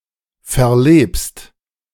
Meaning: second-person singular present of verleben
- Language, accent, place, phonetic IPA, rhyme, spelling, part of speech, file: German, Germany, Berlin, [fɛɐ̯ˈleːpst], -eːpst, verlebst, verb, De-verlebst.ogg